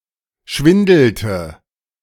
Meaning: inflection of schwindeln: 1. first/third-person singular preterite 2. first/third-person singular subjunctive II
- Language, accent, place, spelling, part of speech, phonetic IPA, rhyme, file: German, Germany, Berlin, schwindelte, verb, [ˈʃvɪndl̩tə], -ɪndl̩tə, De-schwindelte.ogg